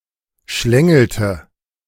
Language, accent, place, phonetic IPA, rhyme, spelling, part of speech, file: German, Germany, Berlin, [ˈʃlɛŋl̩tə], -ɛŋl̩tə, schlängelte, verb, De-schlängelte.ogg
- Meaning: inflection of schlängeln: 1. first/third-person singular preterite 2. first/third-person singular subjunctive II